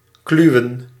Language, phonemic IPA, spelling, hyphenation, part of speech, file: Dutch, /ˈklyu̯ə(n)/, kluwen, klu‧wen, noun, Nl-kluwen.ogg
- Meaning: a ball of thread or yarn, a clew